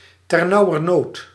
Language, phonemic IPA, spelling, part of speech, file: Dutch, /tərˌnaʊərˈnot/, ternauwernood, adverb, Nl-ternauwernood.ogg
- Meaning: barely, narrowly, just